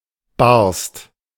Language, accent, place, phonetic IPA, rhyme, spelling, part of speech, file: German, Germany, Berlin, [baʁst], -aʁst, barst, verb, De-barst.ogg
- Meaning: first/third-person singular preterite of bersten